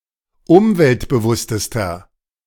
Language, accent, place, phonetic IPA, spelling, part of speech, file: German, Germany, Berlin, [ˈʊmvɛltbəˌvʊstəstɐ], umweltbewusstester, adjective, De-umweltbewusstester.ogg
- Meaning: inflection of umweltbewusst: 1. strong/mixed nominative masculine singular superlative degree 2. strong genitive/dative feminine singular superlative degree